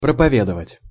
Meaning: 1. to preach, to sermonize 2. to propagate, to advocate
- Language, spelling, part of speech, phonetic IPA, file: Russian, проповедовать, verb, [prəpɐˈvʲedəvətʲ], Ru-проповедовать.ogg